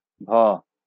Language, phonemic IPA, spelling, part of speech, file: Bengali, /bʱo/, ভ, character, LL-Q9610 (ben)-ভ.wav
- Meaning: The 35th character in the Bengali abugida